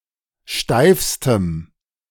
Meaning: strong dative masculine/neuter singular superlative degree of steif
- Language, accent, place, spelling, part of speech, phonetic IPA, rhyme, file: German, Germany, Berlin, steifstem, adjective, [ˈʃtaɪ̯fstəm], -aɪ̯fstəm, De-steifstem.ogg